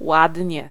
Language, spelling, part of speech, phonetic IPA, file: Polish, ładnie, adverb, [ˈwadʲɲɛ], Pl-ładnie.ogg